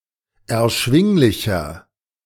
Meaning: 1. comparative degree of erschwinglich 2. inflection of erschwinglich: strong/mixed nominative masculine singular 3. inflection of erschwinglich: strong genitive/dative feminine singular
- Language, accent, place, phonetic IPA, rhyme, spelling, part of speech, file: German, Germany, Berlin, [ɛɐ̯ˈʃvɪŋlɪçɐ], -ɪŋlɪçɐ, erschwinglicher, adjective, De-erschwinglicher.ogg